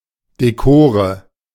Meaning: nominative/accusative/genitive plural of Dekor
- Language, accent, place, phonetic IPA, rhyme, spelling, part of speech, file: German, Germany, Berlin, [deˈkoːʁə], -oːʁə, Dekore, noun, De-Dekore.ogg